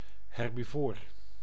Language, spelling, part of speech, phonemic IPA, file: Dutch, herbivoor, noun / adjective, /ˌhɛrbiˈvor/, Nl-herbivoor.ogg
- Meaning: herbivore (plant-eating animal)